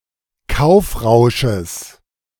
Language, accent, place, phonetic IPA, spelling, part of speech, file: German, Germany, Berlin, [ˈkaʊ̯fˌʁaʊ̯ʃəs], Kaufrausches, noun, De-Kaufrausches.ogg
- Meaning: genitive singular of Kaufrausch